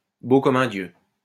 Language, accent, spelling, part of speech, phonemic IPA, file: French, France, beau comme un dieu, adjective, /bo kɔm œ̃ djø/, LL-Q150 (fra)-beau comme un dieu.wav
- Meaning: Extremely good-looking and attractive; like a Greek god